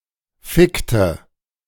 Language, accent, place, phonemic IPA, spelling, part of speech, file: German, Germany, Berlin, /ˈfɪktə/, fickte, verb, De-fickte.ogg
- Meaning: inflection of ficken: 1. first/third-person singular preterite 2. first/third-person singular subjunctive II